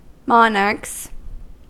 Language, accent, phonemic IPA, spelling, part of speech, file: English, US, /ˈmɑː.nɚkz/, monarchs, noun, En-us-monarchs.ogg
- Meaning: plural of monarch